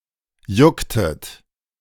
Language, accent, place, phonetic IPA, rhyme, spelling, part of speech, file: German, Germany, Berlin, [ˈjʊktət], -ʊktət, jucktet, verb, De-jucktet.ogg
- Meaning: inflection of jucken: 1. second-person plural preterite 2. second-person plural subjunctive II